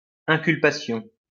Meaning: charge, indictment
- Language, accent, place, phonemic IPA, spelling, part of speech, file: French, France, Lyon, /ɛ̃.kyl.pa.sjɔ̃/, inculpation, noun, LL-Q150 (fra)-inculpation.wav